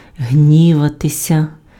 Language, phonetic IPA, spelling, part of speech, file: Ukrainian, [ˈɦnʲiʋɐtesʲɐ], гніватися, verb, Uk-гніватися.ogg
- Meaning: 1. to be angry 2. passive of гні́вати (hnívaty)